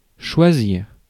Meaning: 1. to choose 2. to perceive, distinguish
- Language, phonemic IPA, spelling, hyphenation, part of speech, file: French, /ʃwa.ziʁ/, choisir, choi‧sir, verb, Fr-choisir.ogg